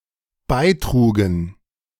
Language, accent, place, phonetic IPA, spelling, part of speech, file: German, Germany, Berlin, [ˈbaɪ̯ˌtʁuːɡn̩], beitrugen, verb, De-beitrugen.ogg
- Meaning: first/third-person plural dependent preterite of beitragen